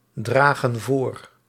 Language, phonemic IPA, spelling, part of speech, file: Dutch, /ˈdraɣə(n) ˈvor/, dragen voor, verb, Nl-dragen voor.ogg
- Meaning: inflection of voordragen: 1. plural present indicative 2. plural present subjunctive